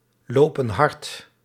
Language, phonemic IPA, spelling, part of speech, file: Dutch, /ˈlopə(n) ˈhɑrt/, lopen hard, verb, Nl-lopen hard.ogg
- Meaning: inflection of hardlopen: 1. plural present indicative 2. plural present subjunctive